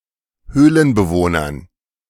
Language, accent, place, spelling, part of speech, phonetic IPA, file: German, Germany, Berlin, Höhlenbewohnern, noun, [ˈhøːlənbəˌvoːnɐn], De-Höhlenbewohnern.ogg
- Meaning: dative plural of Höhlenbewohner